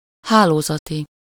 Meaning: of or relating to network
- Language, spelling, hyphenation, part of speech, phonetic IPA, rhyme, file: Hungarian, hálózati, há‧ló‧za‧ti, adjective, [ˈhaːloːzɒti], -ti, Hu-hálózati.ogg